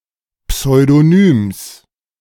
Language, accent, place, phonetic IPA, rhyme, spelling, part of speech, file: German, Germany, Berlin, [psɔɪ̯doˈnyːms], -yːms, Pseudonyms, noun, De-Pseudonyms.ogg
- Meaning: genitive singular of Pseudonym